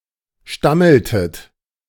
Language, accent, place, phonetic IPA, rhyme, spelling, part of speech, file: German, Germany, Berlin, [ˈʃtaml̩tət], -aml̩tət, stammeltet, verb, De-stammeltet.ogg
- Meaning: inflection of stammeln: 1. second-person plural preterite 2. second-person plural subjunctive II